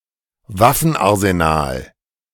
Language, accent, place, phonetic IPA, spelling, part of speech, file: German, Germany, Berlin, [ˈvafn̩ʔaʁzenaːl], Waffenarsenal, noun, De-Waffenarsenal.ogg
- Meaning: armory / armoury (store or arsenal of weapons)